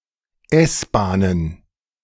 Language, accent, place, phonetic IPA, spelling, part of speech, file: German, Germany, Berlin, [ˈɛsbaːnən], S-Bahnen, noun, De-S-Bahnen.ogg
- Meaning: plural of S-Bahn